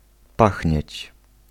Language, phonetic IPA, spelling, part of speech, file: Polish, [ˈpaxʲɲɛ̇t͡ɕ], pachnieć, verb, Pl-pachnieć.ogg